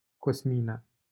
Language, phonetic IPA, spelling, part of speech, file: Romanian, [cosˈmi.na], Cosmina, proper noun, LL-Q7913 (ron)-Cosmina.wav
- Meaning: a female given name